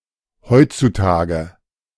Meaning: nowadays, these days (in the present era; in the world as it is today)
- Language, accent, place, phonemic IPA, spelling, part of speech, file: German, Germany, Berlin, /ˈhɔʏ̯.tsuˌtaːɡə/, heutzutage, adverb, De-heutzutage.ogg